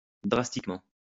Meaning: drastically
- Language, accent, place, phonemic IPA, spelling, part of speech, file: French, France, Lyon, /dʁas.tik.mɑ̃/, drastiquement, adverb, LL-Q150 (fra)-drastiquement.wav